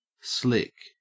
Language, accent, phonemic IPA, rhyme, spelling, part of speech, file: English, Australia, /slɪk/, -ɪk, slick, adjective / noun / verb / adverb, En-au-slick.ogg
- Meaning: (adjective) 1. Slippery or smooth due to a covering of liquid; often used to describe appearances 2. Sleek; smooth 3. Appearing expensive or sophisticated